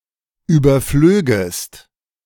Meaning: second-person singular subjunctive II of überfliegen
- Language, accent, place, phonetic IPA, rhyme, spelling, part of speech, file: German, Germany, Berlin, [ˌyːbɐˈfløːɡəst], -øːɡəst, überflögest, verb, De-überflögest.ogg